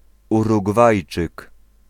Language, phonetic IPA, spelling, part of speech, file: Polish, [ˌuruɡˈvajt͡ʃɨk], Urugwajczyk, noun, Pl-Urugwajczyk.ogg